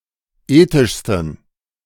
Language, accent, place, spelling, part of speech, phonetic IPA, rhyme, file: German, Germany, Berlin, ethischsten, adjective, [ˈeːtɪʃstn̩], -eːtɪʃstn̩, De-ethischsten.ogg
- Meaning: 1. superlative degree of ethisch 2. inflection of ethisch: strong genitive masculine/neuter singular superlative degree